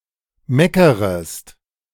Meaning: second-person singular subjunctive I of meckern
- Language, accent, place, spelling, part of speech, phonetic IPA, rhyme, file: German, Germany, Berlin, meckerest, verb, [ˈmɛkəʁəst], -ɛkəʁəst, De-meckerest.ogg